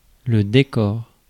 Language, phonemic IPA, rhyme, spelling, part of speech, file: French, /de.kɔʁ/, -ɔʁ, décor, noun, Fr-décor.ogg
- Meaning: 1. decor, decoration 2. set, location 3. scenery, backdrop